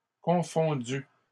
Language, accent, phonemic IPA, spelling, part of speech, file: French, Canada, /kɔ̃.fɔ̃.dy/, confondues, verb, LL-Q150 (fra)-confondues.wav
- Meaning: feminine plural of confondu